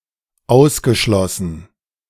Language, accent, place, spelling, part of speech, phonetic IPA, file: German, Germany, Berlin, ausgeschlossenen, adjective, [ˈaʊ̯sɡəˌʃlɔsənən], De-ausgeschlossenen.ogg
- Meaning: inflection of ausgeschlossen: 1. strong genitive masculine/neuter singular 2. weak/mixed genitive/dative all-gender singular 3. strong/weak/mixed accusative masculine singular 4. strong dative plural